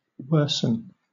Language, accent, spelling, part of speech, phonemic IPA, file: English, Southern England, worsen, verb, /ˈwɜːsn̩/, LL-Q1860 (eng)-worsen.wav
- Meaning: 1. To make worse; to impair 2. To become worse; to get worse 3. To get the better of; to worst